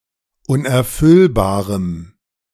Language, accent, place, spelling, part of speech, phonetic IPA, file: German, Germany, Berlin, unerfüllbarem, adjective, [ˌʊnʔɛɐ̯ˈfʏlbaːʁəm], De-unerfüllbarem.ogg
- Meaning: strong dative masculine/neuter singular of unerfüllbar